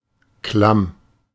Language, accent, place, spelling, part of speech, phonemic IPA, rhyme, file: German, Germany, Berlin, klamm, adjective, /klam/, -am, De-klamm.ogg
- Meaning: 1. clammy, damp, unpleasantly moist (e.g. of fabrics, the air in a room) 2. cold 3. cash-strapped